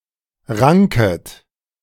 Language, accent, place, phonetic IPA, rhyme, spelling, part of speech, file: German, Germany, Berlin, [ˈʁaŋkət], -aŋkət, ranket, verb, De-ranket.ogg
- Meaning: second-person plural subjunctive I of ranken